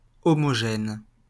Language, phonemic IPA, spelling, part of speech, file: French, /ɔ.mɔ.ʒɛn/, homogène, adjective, LL-Q150 (fra)-homogène.wav
- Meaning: homogeneous